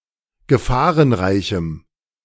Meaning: strong dative masculine/neuter singular of gefahrenreich
- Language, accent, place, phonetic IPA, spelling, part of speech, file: German, Germany, Berlin, [ɡəˈfaːʁənˌʁaɪ̯çm̩], gefahrenreichem, adjective, De-gefahrenreichem.ogg